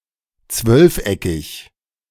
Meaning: dodecagonal
- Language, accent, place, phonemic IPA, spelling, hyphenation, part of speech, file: German, Germany, Berlin, /ˈt͡svœlfˌ.ɛkɪç/, zwölfeckig, zwölf‧eckig, adjective, De-zwölfeckig.ogg